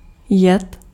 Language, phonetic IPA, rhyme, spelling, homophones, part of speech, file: Czech, [ˈjɛt], -ɛt, jed, jet, noun, Cs-jed.ogg
- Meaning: 1. poison 2. venom